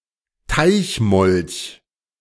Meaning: smooth newt
- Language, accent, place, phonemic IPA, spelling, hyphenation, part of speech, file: German, Germany, Berlin, /ˈtaɪ̯çˌmɔlç/, Teichmolch, Teich‧molch, noun, De-Teichmolch.ogg